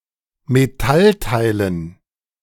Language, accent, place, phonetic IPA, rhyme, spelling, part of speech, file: German, Germany, Berlin, [meˈtalˌtaɪ̯lən], -altaɪ̯lən, Metallteilen, noun, De-Metallteilen.ogg
- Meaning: dative plural of Metallteil